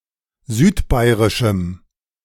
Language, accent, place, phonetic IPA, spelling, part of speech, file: German, Germany, Berlin, [ˈzyːtˌbaɪ̯ʁɪʃm̩], südbairischem, adjective, De-südbairischem.ogg
- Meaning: strong dative masculine/neuter singular of südbairisch